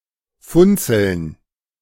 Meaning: plural of Funzel
- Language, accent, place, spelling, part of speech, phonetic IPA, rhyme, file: German, Germany, Berlin, Funzeln, noun, [ˈfʊnt͡sl̩n], -ʊnt͡sl̩n, De-Funzeln.ogg